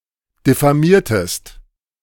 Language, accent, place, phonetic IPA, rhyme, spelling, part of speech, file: German, Germany, Berlin, [dɪfaˈmiːɐ̯təst], -iːɐ̯təst, diffamiertest, verb, De-diffamiertest.ogg
- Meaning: inflection of diffamieren: 1. second-person singular preterite 2. second-person singular subjunctive II